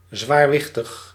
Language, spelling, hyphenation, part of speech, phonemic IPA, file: Dutch, zwaarwichtig, zwaar‧wich‧tig, adjective, /ˌzʋaːrˈʋɪx.təx/, Nl-zwaarwichtig.ogg
- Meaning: 1. very important, of great importance 2. serious 3. heavy